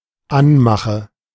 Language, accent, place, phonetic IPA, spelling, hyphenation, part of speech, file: German, Germany, Berlin, [ˈanˌmaxə], Anmache, An‧ma‧che, noun, De-Anmache.ogg
- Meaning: 1. advance 2. pick-up line, chat-up line 3. harassment